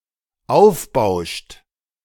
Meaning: inflection of aufbauschen: 1. third-person singular dependent present 2. second-person plural dependent present
- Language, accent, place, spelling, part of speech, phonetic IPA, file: German, Germany, Berlin, aufbauscht, verb, [ˈaʊ̯fˌbaʊ̯ʃt], De-aufbauscht.ogg